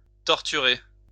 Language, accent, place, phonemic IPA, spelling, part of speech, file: French, France, Lyon, /tɔʁ.ty.ʁe/, torturer, verb, LL-Q150 (fra)-torturer.wav
- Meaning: 1. to torture (to intentionally inflict severe pain on someone, usually with the aim of forcing confessions or punishing them) 2. to torture